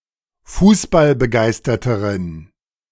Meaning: inflection of fußballbegeistert: 1. strong genitive masculine/neuter singular comparative degree 2. weak/mixed genitive/dative all-gender singular comparative degree
- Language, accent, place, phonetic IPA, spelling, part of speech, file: German, Germany, Berlin, [ˈfuːsbalbəˌɡaɪ̯stɐtəʁən], fußballbegeisterteren, adjective, De-fußballbegeisterteren.ogg